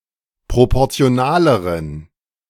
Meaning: inflection of proportional: 1. strong genitive masculine/neuter singular comparative degree 2. weak/mixed genitive/dative all-gender singular comparative degree
- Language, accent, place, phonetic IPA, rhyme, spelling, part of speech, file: German, Germany, Berlin, [ˌpʁopɔʁt͡si̯oˈnaːləʁən], -aːləʁən, proportionaleren, adjective, De-proportionaleren.ogg